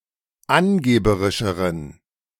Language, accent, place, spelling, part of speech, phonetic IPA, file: German, Germany, Berlin, angeberischeren, adjective, [ˈanˌɡeːbəʁɪʃəʁən], De-angeberischeren.ogg
- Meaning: inflection of angeberisch: 1. strong genitive masculine/neuter singular comparative degree 2. weak/mixed genitive/dative all-gender singular comparative degree